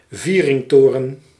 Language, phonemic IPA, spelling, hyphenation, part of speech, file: Dutch, /ˈvirɪŋˌtoːrə(n)/, vieringtoren, vie‧ring‧to‧ren, noun, Nl-vieringtoren.ogg
- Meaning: crossing tower